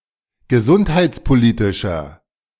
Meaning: inflection of gesundheitspolitisch: 1. strong/mixed nominative masculine singular 2. strong genitive/dative feminine singular 3. strong genitive plural
- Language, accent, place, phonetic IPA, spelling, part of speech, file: German, Germany, Berlin, [ɡəˈzʊnthaɪ̯t͡spoˌliːtɪʃɐ], gesundheitspolitischer, adjective, De-gesundheitspolitischer.ogg